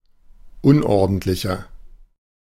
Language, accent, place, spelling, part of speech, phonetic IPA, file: German, Germany, Berlin, unordentlicher, adjective, [ˈʊnʔɔʁdn̩tlɪçɐ], De-unordentlicher.ogg
- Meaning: 1. comparative degree of unordentlich 2. inflection of unordentlich: strong/mixed nominative masculine singular 3. inflection of unordentlich: strong genitive/dative feminine singular